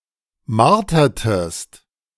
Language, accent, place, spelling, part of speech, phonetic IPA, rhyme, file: German, Germany, Berlin, martertest, verb, [ˈmaʁtɐtəst], -aʁtɐtəst, De-martertest.ogg
- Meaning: inflection of martern: 1. second-person singular preterite 2. second-person singular subjunctive II